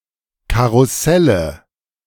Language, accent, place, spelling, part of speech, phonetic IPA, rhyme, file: German, Germany, Berlin, Karusselle, noun, [ˌkaʁʊˈsɛlə], -ɛlə, De-Karusselle.ogg
- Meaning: nominative/accusative/genitive plural of Karussell